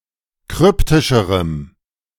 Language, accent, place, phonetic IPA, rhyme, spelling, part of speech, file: German, Germany, Berlin, [ˈkʁʏptɪʃəʁəm], -ʏptɪʃəʁəm, kryptischerem, adjective, De-kryptischerem.ogg
- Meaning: strong dative masculine/neuter singular comparative degree of kryptisch